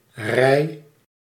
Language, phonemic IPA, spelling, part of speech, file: Dutch, /rɛi̯/, rij, noun / verb, Nl-rij.ogg
- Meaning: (noun) 1. row, line 2. row (entries in a table going left to right) 3. line, queue of people waiting for something 4. sequence 5. rank